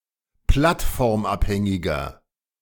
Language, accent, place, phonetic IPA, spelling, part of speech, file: German, Germany, Berlin, [ˈplatfɔʁmˌʔaphɛŋɪɡɐ], plattformabhängiger, adjective, De-plattformabhängiger.ogg
- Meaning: 1. comparative degree of plattformabhängig 2. inflection of plattformabhängig: strong/mixed nominative masculine singular 3. inflection of plattformabhängig: strong genitive/dative feminine singular